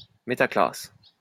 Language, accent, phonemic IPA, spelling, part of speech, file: French, France, /me.ta.klas/, métaclasse, noun, LL-Q150 (fra)-métaclasse.wav
- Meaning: metaclass